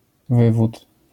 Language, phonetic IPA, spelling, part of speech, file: Polish, [ˈvɨvut], wywód, noun, LL-Q809 (pol)-wywód.wav